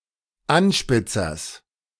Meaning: genitive singular of Anspitzer
- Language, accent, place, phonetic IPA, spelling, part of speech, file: German, Germany, Berlin, [ˈanʃpɪt͡sɐs], Anspitzers, noun, De-Anspitzers.ogg